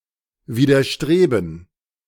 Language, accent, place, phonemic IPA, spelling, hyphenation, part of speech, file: German, Germany, Berlin, /viːdɐˈʃtʁeːbn̩/, widerstreben, wi‧der‧stre‧ben, verb, De-widerstreben.ogg
- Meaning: 1. [with dative] to be reluctant to, to show some reluctance, to go against the grain with someone (contrary to one's nature) 2. to be opposed to, to resist, to go against